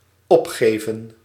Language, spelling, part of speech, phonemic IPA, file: Dutch, opgeven, verb, /ˈɔpˌxeːvə(n)/, Nl-opgeven.ogg
- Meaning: 1. to give up, relinquish 2. to report, state, indicate (e.g. data in a form)